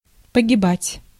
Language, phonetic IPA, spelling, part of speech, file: Russian, [pəɡʲɪˈbatʲ], погибать, verb, Ru-погибать.ogg
- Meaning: to perish, to die of unnatural causes, to be killed